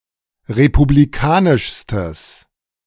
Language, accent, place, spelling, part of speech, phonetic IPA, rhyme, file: German, Germany, Berlin, republikanischstes, adjective, [ʁepubliˈkaːnɪʃstəs], -aːnɪʃstəs, De-republikanischstes.ogg
- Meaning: strong/mixed nominative/accusative neuter singular superlative degree of republikanisch